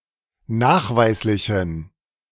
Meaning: inflection of nachweislich: 1. strong genitive masculine/neuter singular 2. weak/mixed genitive/dative all-gender singular 3. strong/weak/mixed accusative masculine singular 4. strong dative plural
- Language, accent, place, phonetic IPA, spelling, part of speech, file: German, Germany, Berlin, [ˈnaːxˌvaɪ̯slɪçn̩], nachweislichen, adjective, De-nachweislichen.ogg